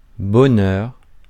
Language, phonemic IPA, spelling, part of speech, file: French, /bɔ.nœʁ/, bonheur, noun, Fr-bonheur.ogg
- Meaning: 1. goodhap, good fortune 2. happiness